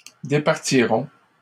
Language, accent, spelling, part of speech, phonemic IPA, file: French, Canada, départirons, verb, /de.paʁ.ti.ʁɔ̃/, LL-Q150 (fra)-départirons.wav
- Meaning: first-person plural simple future of départir